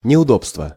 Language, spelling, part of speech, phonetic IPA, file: Russian, неудобство, noun, [nʲɪʊˈdopstvə], Ru-неудобство.ogg
- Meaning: 1. inconvenience 2. discomfort